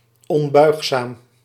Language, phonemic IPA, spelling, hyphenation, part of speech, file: Dutch, /ˌɔnˈbœy̯x.saːm/, onbuigzaam, on‧buig‧zaam, adjective, Nl-onbuigzaam.ogg
- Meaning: 1. inflexible, rigid 2. inflexible, unbending, unyielding, uncompromising, intransigent